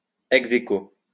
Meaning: alternative spelling of ex aequo
- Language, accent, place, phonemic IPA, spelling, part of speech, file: French, France, Lyon, /ɛɡ.ze.ko/, ex-aequo, adverb, LL-Q150 (fra)-ex-aequo.wav